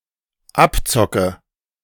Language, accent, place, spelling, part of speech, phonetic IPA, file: German, Germany, Berlin, abzocke, verb, [ˈapˌt͡sɔkə], De-abzocke.ogg
- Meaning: inflection of abzocken: 1. first-person singular dependent present 2. first/third-person singular dependent subjunctive I